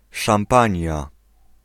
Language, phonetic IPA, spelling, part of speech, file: Polish, [ʃãmˈpãɲja], Szampania, proper noun, Pl-Szampania.ogg